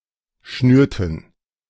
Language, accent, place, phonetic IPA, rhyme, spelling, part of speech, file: German, Germany, Berlin, [ˈʃnyːɐ̯tn̩], -yːɐ̯tn̩, schnürten, verb, De-schnürten.ogg
- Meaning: inflection of schnüren: 1. first/third-person plural preterite 2. first/third-person plural subjunctive II